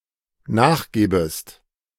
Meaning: second-person singular dependent subjunctive I of nachgeben
- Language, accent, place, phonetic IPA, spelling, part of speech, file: German, Germany, Berlin, [ˈnaːxˌɡeːbəst], nachgebest, verb, De-nachgebest.ogg